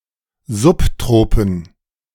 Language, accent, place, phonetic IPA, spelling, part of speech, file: German, Germany, Berlin, [ˈzʊpˌtʁoːpn̩], Subtropen, noun, De-Subtropen.ogg
- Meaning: subtropics